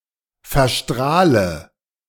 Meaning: inflection of verstrahlen: 1. first-person singular present 2. first/third-person singular subjunctive I 3. singular imperative
- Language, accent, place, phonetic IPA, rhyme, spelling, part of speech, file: German, Germany, Berlin, [fɛɐ̯ˈʃtʁaːlə], -aːlə, verstrahle, verb, De-verstrahle.ogg